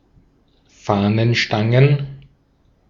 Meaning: plural of Fahnenstange
- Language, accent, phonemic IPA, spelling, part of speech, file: German, Austria, /ˈfaːnənˌʃtaŋən/, Fahnenstangen, noun, De-at-Fahnenstangen.ogg